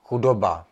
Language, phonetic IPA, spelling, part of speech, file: Czech, [ˈxudoba], chudoba, noun, Cs-chudoba.ogg
- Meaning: poverty